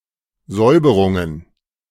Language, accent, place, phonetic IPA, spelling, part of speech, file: German, Germany, Berlin, [ˈzɔɪ̯bəʁʊŋən], Säuberungen, noun, De-Säuberungen.ogg
- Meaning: plural of Säuberung